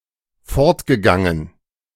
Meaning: past participle of fortgehen
- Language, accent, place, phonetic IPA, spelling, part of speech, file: German, Germany, Berlin, [ˈfɔʁtɡəˌɡaŋən], fortgegangen, verb, De-fortgegangen.ogg